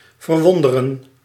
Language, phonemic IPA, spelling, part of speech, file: Dutch, /vərˈwɔndərə(n)/, verwonderen, verb, Nl-verwonderen.ogg
- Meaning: to amaze